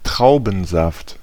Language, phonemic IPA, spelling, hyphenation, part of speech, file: German, /ˈtʁaʊ̯bənzaft/, Traubensaft, Trau‧ben‧saft, noun, De-Traubensaft.ogg
- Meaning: grape juice